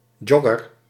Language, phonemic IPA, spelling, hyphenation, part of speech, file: Dutch, /ˈdʒɔ.ɡər/, jogger, jog‧ger, noun, Nl-jogger.ogg
- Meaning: a jogger, some who jogs